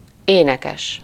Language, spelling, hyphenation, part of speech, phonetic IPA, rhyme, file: Hungarian, énekes, éne‧kes, adjective / noun, [ˈeːnɛkɛʃ], -ɛʃ, Hu-énekes.ogg
- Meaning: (adjective) singing (having the ability or the tendency to sing); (noun) singer, vocalist, songster